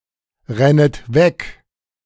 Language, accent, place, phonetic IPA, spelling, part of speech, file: German, Germany, Berlin, [ˌʁɛnət ˈvɛk], rennet weg, verb, De-rennet weg.ogg
- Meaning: second-person plural subjunctive I of wegrennen